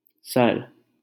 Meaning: 1. head 2. top, tip, point 3. head, chief 4. conquer, subdue, overpower, win 5. one of the four top-valued playing cards 6. arrow 7. lake 8. sir
- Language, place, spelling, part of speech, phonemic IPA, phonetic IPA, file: Hindi, Delhi, सर, noun, /səɾ/, [sɐɾ], LL-Q1568 (hin)-सर.wav